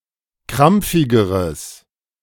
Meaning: strong/mixed nominative/accusative neuter singular comparative degree of krampfig
- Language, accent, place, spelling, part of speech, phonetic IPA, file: German, Germany, Berlin, krampfigeres, adjective, [ˈkʁamp͡fɪɡəʁəs], De-krampfigeres.ogg